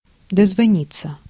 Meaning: to (try to) get on the phone, to get through (to)
- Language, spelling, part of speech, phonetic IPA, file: Russian, дозвониться, verb, [dəzvɐˈnʲit͡sːə], Ru-дозвониться.ogg